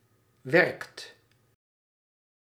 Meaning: inflection of werken: 1. second/third-person singular present indicative 2. plural imperative
- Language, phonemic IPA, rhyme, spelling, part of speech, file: Dutch, /ʋɛrkt/, -ɛrkt, werkt, verb, Nl-werkt.ogg